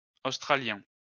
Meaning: masculine plural of australien
- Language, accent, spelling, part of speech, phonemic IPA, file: French, France, australiens, adjective, /os.tʁa.ljɛ̃/, LL-Q150 (fra)-australiens.wav